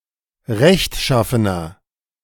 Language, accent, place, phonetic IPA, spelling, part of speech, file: German, Germany, Berlin, [ˈʁɛçtˌʃafənɐ], rechtschaffener, adjective, De-rechtschaffener.ogg
- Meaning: 1. comparative degree of rechtschaffen 2. inflection of rechtschaffen: strong/mixed nominative masculine singular 3. inflection of rechtschaffen: strong genitive/dative feminine singular